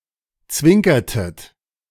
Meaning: inflection of zwinkern: 1. second-person plural preterite 2. second-person plural subjunctive II
- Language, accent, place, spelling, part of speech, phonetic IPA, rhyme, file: German, Germany, Berlin, zwinkertet, verb, [ˈt͡svɪŋkɐtət], -ɪŋkɐtət, De-zwinkertet.ogg